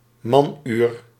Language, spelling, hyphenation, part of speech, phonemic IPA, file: Dutch, manuur, man‧uur, noun, /ˈmɑn.yːr/, Nl-manuur.ogg
- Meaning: man-hour